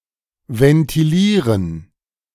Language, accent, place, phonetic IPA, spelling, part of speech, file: German, Germany, Berlin, [vɛntiˈliːʁən], ventilieren, verb, De-ventilieren.ogg
- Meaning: 1. to ventilate 2. to consider carefully, to ponder